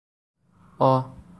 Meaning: The first character in the Assamese alphabet
- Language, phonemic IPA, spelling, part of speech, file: Assamese, /ɔ/, অ, character, As-অ.ogg